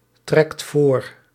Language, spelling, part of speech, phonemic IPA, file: Dutch, trekt voor, verb, /ˈtrɛkt ˈvor/, Nl-trekt voor.ogg
- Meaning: inflection of voortrekken: 1. second/third-person singular present indicative 2. plural imperative